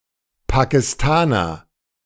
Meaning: Pakistani (a person from Pakistan or of Pakistani descent)
- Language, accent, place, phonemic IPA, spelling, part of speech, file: German, Germany, Berlin, /pakɪˈstaːnɐ/, Pakistaner, noun, De-Pakistaner.ogg